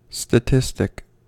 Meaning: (adjective) Alternative form of statistical; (noun) A single item in a statistical study
- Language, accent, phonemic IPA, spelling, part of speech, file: English, US, /stəˈtɪs.tɪk/, statistic, adjective / noun / verb, En-us-statistic.ogg